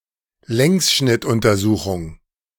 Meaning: longitudinal study
- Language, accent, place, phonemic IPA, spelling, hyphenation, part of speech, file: German, Germany, Berlin, /ˈlɛŋsʃnɪtʔʊntɐˌzuːxʊŋ/, Längsschnittuntersuchung, Längs‧schnitt‧un‧ter‧su‧chung, noun, De-Längsschnittuntersuchung.ogg